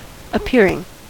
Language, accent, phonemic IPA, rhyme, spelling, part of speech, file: English, US, /əˈpɪəɹ.ɪŋ/, -ɪəɹɪŋ, appearing, verb / noun, En-us-appearing.ogg
- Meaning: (verb) present participle and gerund of appear; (noun) appearance; act of coming into view